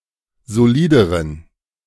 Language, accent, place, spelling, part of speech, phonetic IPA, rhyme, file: German, Germany, Berlin, solideren, adjective, [zoˈliːdəʁən], -iːdəʁən, De-solideren.ogg
- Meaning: inflection of solid: 1. strong genitive masculine/neuter singular comparative degree 2. weak/mixed genitive/dative all-gender singular comparative degree